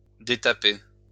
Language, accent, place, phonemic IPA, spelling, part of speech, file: French, France, Lyon, /de.ta.pe/, détaper, verb, LL-Q150 (fra)-détaper.wav
- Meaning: to take out the tompion (of a cannon)